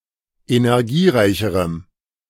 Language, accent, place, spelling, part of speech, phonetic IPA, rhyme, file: German, Germany, Berlin, energiereicherem, adjective, [enɛʁˈɡiːˌʁaɪ̯çəʁəm], -iːʁaɪ̯çəʁəm, De-energiereicherem.ogg
- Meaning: strong dative masculine/neuter singular comparative degree of energiereich